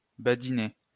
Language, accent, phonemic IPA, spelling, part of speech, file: French, France, /ba.di.ne/, badiner, verb, LL-Q150 (fra)-badiner.wav
- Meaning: to jest, joke